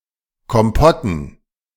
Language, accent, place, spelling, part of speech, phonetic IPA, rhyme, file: German, Germany, Berlin, Kompotten, noun, [kɔmˈpɔtn̩], -ɔtn̩, De-Kompotten.ogg
- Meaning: dative plural of Kompott